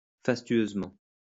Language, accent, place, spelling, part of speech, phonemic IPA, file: French, France, Lyon, fastueusement, adverb, /fas.tɥøz.mɑ̃/, LL-Q150 (fra)-fastueusement.wav
- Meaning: sumptuously, lavishly